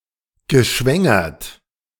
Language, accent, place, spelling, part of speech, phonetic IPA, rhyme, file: German, Germany, Berlin, geschwängert, adjective / verb, [ɡəˈʃvɛŋɐt], -ɛŋɐt, De-geschwängert.ogg
- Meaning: past participle of schwängern